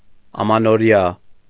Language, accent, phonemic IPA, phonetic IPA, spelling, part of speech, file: Armenian, Eastern Armenian, /ɑmɑnoˈɾjɑ/, [ɑmɑnoɾjɑ́], ամանորյա, adjective, Hy-ամանորյա.ogg
- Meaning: New Year, New Year's, new-year (attributively)